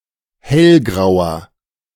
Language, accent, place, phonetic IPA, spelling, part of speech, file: German, Germany, Berlin, [ˈhɛlˌɡʁaʊ̯ɐ], hellgrauer, adjective, De-hellgrauer.ogg
- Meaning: inflection of hellgrau: 1. strong/mixed nominative masculine singular 2. strong genitive/dative feminine singular 3. strong genitive plural